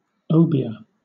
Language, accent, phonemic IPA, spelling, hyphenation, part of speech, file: English, Southern England, /ˈəʊbɪə/, obeah, o‧be‧ah, noun / verb, LL-Q1860 (eng)-obeah.wav
- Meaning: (noun) 1. A form of folk magic, medicine or witchcraft originating in Africa and practised in parts of the Caribbean 2. A magician or witch doctor of the magic craft